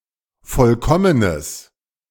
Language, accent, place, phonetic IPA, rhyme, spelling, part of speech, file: German, Germany, Berlin, [ˈfɔlkɔmənəs], -ɔmənəs, vollkommenes, adjective, De-vollkommenes.ogg
- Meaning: strong/mixed nominative/accusative neuter singular of vollkommen